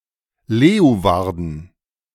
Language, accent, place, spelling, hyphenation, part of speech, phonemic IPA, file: German, Germany, Berlin, Leeuwarden, Leeu‧war‧den, proper noun, /ˈleːu̯vaʁdn̩/, De-Leeuwarden.ogg
- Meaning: Leeuwarden (a city, municipality, and capital of Friesland, Netherlands)